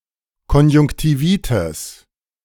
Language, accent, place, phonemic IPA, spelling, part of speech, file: German, Germany, Berlin, /kɔnjʊŋktiˈviːtɪs/, Konjunktivitis, noun, De-Konjunktivitis.ogg
- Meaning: conjunctivitis (inflammation)